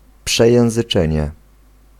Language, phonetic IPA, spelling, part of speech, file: Polish, [ˌpʃɛjɛ̃w̃zɨˈt͡ʃɛ̃ɲɛ], przejęzyczenie, noun, Pl-przejęzyczenie.ogg